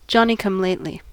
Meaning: A newcomer; a novice; an upstart
- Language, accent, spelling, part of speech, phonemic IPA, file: English, US, Johnny-come-lately, noun, /ˌdʒɑːni.kʌmˈleɪtli/, En-us-Johnny-come-lately.ogg